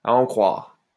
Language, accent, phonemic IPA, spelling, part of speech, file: French, France, /a ɑ̃ kʁwaʁ/, à en croire, preposition, LL-Q150 (fra)-à en croire.wav
- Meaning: if (someone) were to be believed, according to (someone)